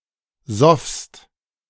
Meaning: second-person singular preterite of saufen
- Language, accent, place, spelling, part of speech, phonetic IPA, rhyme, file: German, Germany, Berlin, soffst, verb, [zɔfst], -ɔfst, De-soffst.ogg